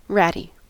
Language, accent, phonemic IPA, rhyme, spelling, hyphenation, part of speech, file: English, General American, /ˈɹæti/, -æti, ratty, rat‧ty, adjective / noun, En-us-ratty.ogg
- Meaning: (adjective) 1. Resembling or characteristic of a rat; ratlike 2. Infested with rats 3. In poor condition or repair